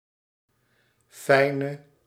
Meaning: inflection of fijn: 1. masculine/feminine singular attributive 2. definite neuter singular attributive 3. plural attributive
- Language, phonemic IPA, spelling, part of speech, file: Dutch, /fɛi̯nə/, fijne, adjective / noun, Nl-fijne.ogg